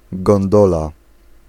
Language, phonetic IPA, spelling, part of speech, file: Polish, [ɡɔ̃nˈdɔla], gondola, noun, Pl-gondola.ogg